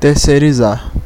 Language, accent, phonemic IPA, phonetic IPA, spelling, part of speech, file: Portuguese, Brazil, /teʁ.se(j).ɾiˈza(ʁ)/, [teh.se(ɪ̯).ɾiˈza(h)], terceirizar, verb, Pt-br-terceirizar.ogg
- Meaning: to outsource (to transfer of business to a third party)